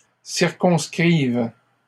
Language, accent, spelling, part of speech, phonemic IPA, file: French, Canada, circonscrive, verb, /siʁ.kɔ̃s.kʁiv/, LL-Q150 (fra)-circonscrive.wav
- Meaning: first/third-person singular present subjunctive of circonscrire